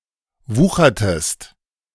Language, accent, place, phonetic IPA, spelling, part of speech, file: German, Germany, Berlin, [ˈvuːxɐtəst], wuchertest, verb, De-wuchertest.ogg
- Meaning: inflection of wuchern: 1. second-person singular preterite 2. second-person singular subjunctive II